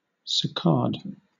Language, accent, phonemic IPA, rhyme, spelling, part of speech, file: English, Southern England, /səˈkɑːd/, -ɑːd, saccade, noun / verb, LL-Q1860 (eng)-saccade.wav